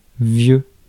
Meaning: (adjective) old; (noun) 1. old person 2. dad 3. parents 4. old chap
- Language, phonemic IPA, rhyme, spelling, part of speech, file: French, /vjø/, -ø, vieux, adjective / noun, Fr-vieux.ogg